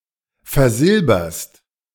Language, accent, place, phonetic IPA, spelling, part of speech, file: German, Germany, Berlin, [fɛɐ̯ˈzɪlbɐst], versilberst, verb, De-versilberst.ogg
- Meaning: second-person singular present of versilbern